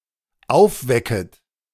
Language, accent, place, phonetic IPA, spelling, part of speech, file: German, Germany, Berlin, [ˈaʊ̯fˌvɛkət], aufwecket, verb, De-aufwecket.ogg
- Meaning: second-person plural dependent subjunctive I of aufwecken